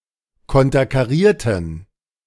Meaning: inflection of konterkarieren: 1. first/third-person plural preterite 2. first/third-person plural subjunctive II
- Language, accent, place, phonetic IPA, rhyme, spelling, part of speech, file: German, Germany, Berlin, [ˌkɔntɐkaˈʁiːɐ̯tn̩], -iːɐ̯tn̩, konterkarierten, adjective / verb, De-konterkarierten.ogg